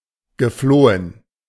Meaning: past participle of fliehen
- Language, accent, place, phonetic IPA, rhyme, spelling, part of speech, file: German, Germany, Berlin, [ɡəˈfloːən], -oːən, geflohen, verb, De-geflohen.ogg